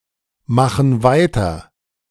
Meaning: inflection of weitermachen: 1. first/third-person plural present 2. first/third-person plural subjunctive I
- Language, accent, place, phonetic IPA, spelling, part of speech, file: German, Germany, Berlin, [ˌmaxn̩ ˈvaɪ̯tɐ], machen weiter, verb, De-machen weiter.ogg